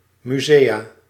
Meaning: plural of museum
- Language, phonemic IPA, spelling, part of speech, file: Dutch, /myˈzeja/, musea, noun, Nl-musea.ogg